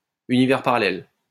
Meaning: parallel universe
- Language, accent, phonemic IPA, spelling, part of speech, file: French, France, /y.ni.vɛʁ pa.ʁa.lɛl/, univers parallèle, noun, LL-Q150 (fra)-univers parallèle.wav